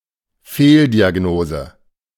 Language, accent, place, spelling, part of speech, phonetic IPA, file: German, Germany, Berlin, Fehldiagnose, noun, [ˈfeːldiaˌɡnoːzə], De-Fehldiagnose.ogg
- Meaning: misdiagnosis